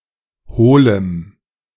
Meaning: strong dative masculine/neuter singular of hohl
- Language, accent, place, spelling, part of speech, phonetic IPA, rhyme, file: German, Germany, Berlin, hohlem, adjective, [ˈhoːləm], -oːləm, De-hohlem.ogg